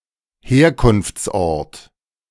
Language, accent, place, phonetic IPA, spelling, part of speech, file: German, Germany, Berlin, [ˈheːɐ̯kʊnft͡sˌʔɔʁt], Herkunftsort, noun, De-Herkunftsort.ogg
- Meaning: place / point of origin